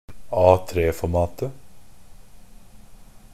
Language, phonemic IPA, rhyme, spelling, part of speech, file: Norwegian Bokmål, /ˈɑːteeːfɔemɑːtə/, -ɑːtə, A3-formatet, noun, NB - Pronunciation of Norwegian Bokmål «A3-formatet».ogg
- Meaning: definite singular of A3-format